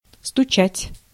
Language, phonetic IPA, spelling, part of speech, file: Russian, [stʊˈt͡ɕætʲ], стучать, verb, Ru-стучать.ogg
- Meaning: 1. to knock 2. to rap, to tap 3. to throb (especially the heart) 4. to chatter, to clatter 5. to bang 6. to snitch on